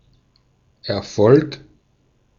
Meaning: success
- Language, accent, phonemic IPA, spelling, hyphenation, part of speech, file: German, Austria, /ɛɐ̯ˈfɔlk/, Erfolg, Er‧folg, noun, De-at-Erfolg.ogg